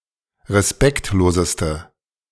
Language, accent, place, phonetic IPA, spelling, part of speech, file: German, Germany, Berlin, [ʁeˈspɛktloːzəstə], respektloseste, adjective, De-respektloseste.ogg
- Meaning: inflection of respektlos: 1. strong/mixed nominative/accusative feminine singular superlative degree 2. strong nominative/accusative plural superlative degree